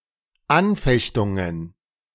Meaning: plural of Anfechtung
- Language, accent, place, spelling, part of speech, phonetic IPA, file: German, Germany, Berlin, Anfechtungen, noun, [ˈanˌfɛçtʊŋən], De-Anfechtungen.ogg